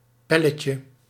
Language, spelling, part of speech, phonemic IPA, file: Dutch, palletje, noun, /ˈpɛlətjə/, Nl-palletje.ogg
- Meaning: diminutive of pallet